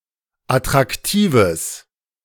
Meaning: strong/mixed nominative/accusative neuter singular of attraktiv
- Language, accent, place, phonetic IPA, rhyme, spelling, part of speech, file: German, Germany, Berlin, [atʁakˈtiːvəs], -iːvəs, attraktives, adjective, De-attraktives.ogg